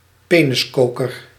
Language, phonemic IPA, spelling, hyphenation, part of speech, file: Dutch, /ˈpeː.nəsˌkoː.kər/, peniskoker, pe‧nis‧ko‧ker, noun, Nl-peniskoker.ogg
- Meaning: hard codpiece made from dried-out gourds, worn by male members of some ethnic groups of New Guinea, known as penis gourd, koteka or horim